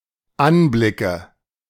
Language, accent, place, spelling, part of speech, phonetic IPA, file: German, Germany, Berlin, Anblicke, noun, [ˈanˌblɪkə], De-Anblicke.ogg
- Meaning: nominative/accusative/genitive plural of Anblick